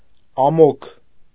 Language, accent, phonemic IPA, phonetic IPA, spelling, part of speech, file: Armenian, Eastern Armenian, /ɑˈmokʰ/, [ɑmókʰ], ամոք, adjective, Hy-ամոք.ogg
- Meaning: soft, sweet, gentle, agreeable (of food, climate, etc.)